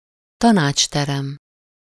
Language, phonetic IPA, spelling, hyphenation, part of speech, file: Hungarian, [ˈtɒnaːt͡ʃtɛrɛm], tanácsterem, ta‧nács‧te‧rem, noun, Hu-tanácsterem.ogg
- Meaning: 1. council chamber (meeting room for councillors) 2. boardroom (meeting room for the governing board of an organization)